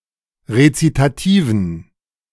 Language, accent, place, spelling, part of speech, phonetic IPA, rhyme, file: German, Germany, Berlin, Rezitativen, noun, [ʁet͡sitaˈtiːvn̩], -iːvn̩, De-Rezitativen.ogg
- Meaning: dative plural of Rezitativ